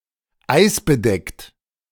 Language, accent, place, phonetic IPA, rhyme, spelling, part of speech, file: German, Germany, Berlin, [ˈaɪ̯sbəˌdɛkt], -aɪ̯sbədɛkt, eisbedeckt, adjective, De-eisbedeckt.ogg
- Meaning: ice-covered